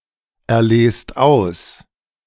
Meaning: inflection of auserlesen: 1. second-person plural present 2. plural imperative
- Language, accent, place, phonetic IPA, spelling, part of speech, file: German, Germany, Berlin, [ɛɐ̯ˌleːst ˈaʊ̯s], erlest aus, verb, De-erlest aus.ogg